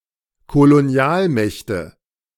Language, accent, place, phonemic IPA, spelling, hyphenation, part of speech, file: German, Germany, Berlin, /koloˈni̯aːlˌmɛçtə/, Kolonialmächte, Ko‧lo‧ni‧al‧mäch‧te, noun, De-Kolonialmächte.ogg
- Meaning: nominative/accusative/genitive plural of Kolonialmacht